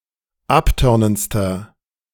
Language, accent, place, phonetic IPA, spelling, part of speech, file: German, Germany, Berlin, [ˈapˌtœʁnənt͡stɐ], abtörnendster, adjective, De-abtörnendster.ogg
- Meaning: inflection of abtörnend: 1. strong/mixed nominative masculine singular superlative degree 2. strong genitive/dative feminine singular superlative degree 3. strong genitive plural superlative degree